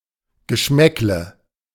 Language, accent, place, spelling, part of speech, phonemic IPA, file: German, Germany, Berlin, Geschmäckle, noun, /ɡəˈʃmɛklə/, De-Geschmäckle.ogg
- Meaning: A hint of impropriety; fishiness